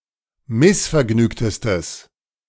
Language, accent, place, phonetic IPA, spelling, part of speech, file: German, Germany, Berlin, [ˈmɪsfɛɐ̯ˌɡnyːktəstəs], missvergnügtestes, adjective, De-missvergnügtestes.ogg
- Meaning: strong/mixed nominative/accusative neuter singular superlative degree of missvergnügt